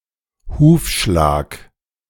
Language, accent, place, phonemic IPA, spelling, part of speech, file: German, Germany, Berlin, /ˈhuːfʃlaːk/, Hufschlag, noun, De-Hufschlag.ogg
- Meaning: hoofbeat